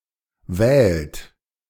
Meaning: inflection of wählen: 1. third-person singular present 2. second-person plural present 3. plural imperative
- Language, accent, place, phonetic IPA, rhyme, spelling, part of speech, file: German, Germany, Berlin, [vɛːlt], -ɛːlt, wählt, verb, De-wählt.ogg